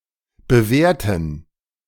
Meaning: inflection of bewährt: 1. strong genitive masculine/neuter singular 2. weak/mixed genitive/dative all-gender singular 3. strong/weak/mixed accusative masculine singular 4. strong dative plural
- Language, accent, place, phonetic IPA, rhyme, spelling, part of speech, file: German, Germany, Berlin, [bəˈvɛːɐ̯tn̩], -ɛːɐ̯tn̩, bewährten, adjective / verb, De-bewährten.ogg